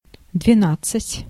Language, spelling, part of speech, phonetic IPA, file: Russian, двенадцать, numeral, [dvʲɪˈnat͡s(ː)ɨtʲ], Ru-двенадцать.ogg
- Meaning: twelve (12)